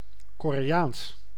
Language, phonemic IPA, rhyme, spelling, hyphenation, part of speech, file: Dutch, /koːreːˈaːns/, -aːns, Koreaans, Ko‧re‧aans, adjective / proper noun, Nl-Koreaans.ogg
- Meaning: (adjective) 1. Korean 2. Koreanic; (proper noun) Korean language